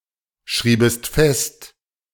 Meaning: second-person singular subjunctive II of festschreiben
- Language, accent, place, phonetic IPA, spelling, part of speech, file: German, Germany, Berlin, [ˌʃʁiːbəst ˈfɛst], schriebest fest, verb, De-schriebest fest.ogg